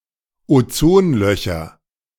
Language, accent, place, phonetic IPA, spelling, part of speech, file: German, Germany, Berlin, [oˈt͡soːnˌlœçɐ], Ozonlöcher, noun, De-Ozonlöcher.ogg
- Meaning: nominative/accusative/genitive plural of Ozonloch